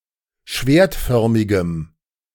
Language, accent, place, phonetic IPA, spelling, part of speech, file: German, Germany, Berlin, [ˈʃveːɐ̯tˌfœʁmɪɡəm], schwertförmigem, adjective, De-schwertförmigem.ogg
- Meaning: strong dative masculine/neuter singular of schwertförmig